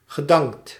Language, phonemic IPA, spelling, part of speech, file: Dutch, /ɣəˈdɑŋkt/, gedankt, verb, Nl-gedankt.ogg
- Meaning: past participle of danken